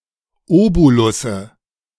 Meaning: nominative/accusative/genitive plural of Obolus
- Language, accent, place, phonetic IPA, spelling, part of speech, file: German, Germany, Berlin, [ˈoːbolʊsə], Obolusse, noun, De-Obolusse.ogg